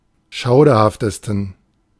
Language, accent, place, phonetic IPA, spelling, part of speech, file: German, Germany, Berlin, [ˈʃaʊ̯dɐhaftəstn̩], schauderhaftesten, adjective, De-schauderhaftesten.ogg
- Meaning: 1. superlative degree of schauderhaft 2. inflection of schauderhaft: strong genitive masculine/neuter singular superlative degree